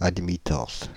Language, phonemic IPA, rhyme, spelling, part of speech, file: French, /ad.mi.tɑ̃s/, -ɑ̃s, admittance, noun, Fr-admittance.ogg
- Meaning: admittance (the reciprocal of impedance)